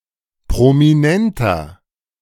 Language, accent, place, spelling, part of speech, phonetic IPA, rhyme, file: German, Germany, Berlin, prominenter, adjective, [pʁomiˈnɛntɐ], -ɛntɐ, De-prominenter.ogg
- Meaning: 1. comparative degree of prominent 2. inflection of prominent: strong/mixed nominative masculine singular 3. inflection of prominent: strong genitive/dative feminine singular